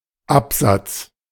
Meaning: verbal noun of absetzen (“to interrupt, put down, sit down”): 1. paragraph (passage in text) 2. landing, place on stairs where there is an interruption
- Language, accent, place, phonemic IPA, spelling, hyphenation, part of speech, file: German, Germany, Berlin, /ˈapzat͡s/, Absatz, Ab‧satz, noun, De-Absatz.ogg